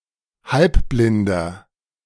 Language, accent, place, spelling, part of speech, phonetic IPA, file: German, Germany, Berlin, halbblinder, adjective, [ˈhalpblɪndɐ], De-halbblinder.ogg
- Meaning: inflection of halbblind: 1. strong/mixed nominative masculine singular 2. strong genitive/dative feminine singular 3. strong genitive plural